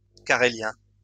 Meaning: Karelian (language)
- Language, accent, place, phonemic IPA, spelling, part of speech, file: French, France, Lyon, /ka.ʁe.ljɛ̃/, carélien, noun, LL-Q150 (fra)-carélien.wav